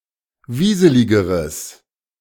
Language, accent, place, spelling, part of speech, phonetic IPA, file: German, Germany, Berlin, wieseligeres, adjective, [ˈviːzəlɪɡəʁəs], De-wieseligeres.ogg
- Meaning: strong/mixed nominative/accusative neuter singular comparative degree of wieselig